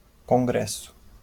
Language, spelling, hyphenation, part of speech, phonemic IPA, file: Portuguese, congresso, con‧gres‧so, noun, /kõˈɡɾɛ.su/, LL-Q5146 (por)-congresso.wav
- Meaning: 1. congress (legislative body) 2. congress (academic conference)